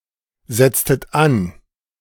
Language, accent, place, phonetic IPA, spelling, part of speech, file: German, Germany, Berlin, [ˌzɛt͡stət ˈan], setztet an, verb, De-setztet an.ogg
- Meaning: inflection of ansetzen: 1. second-person plural preterite 2. second-person plural subjunctive II